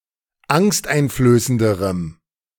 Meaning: strong dative masculine/neuter singular comparative degree of angsteinflößend
- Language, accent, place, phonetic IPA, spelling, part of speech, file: German, Germany, Berlin, [ˈaŋstʔaɪ̯nfløːsəndəʁəm], angsteinflößenderem, adjective, De-angsteinflößenderem.ogg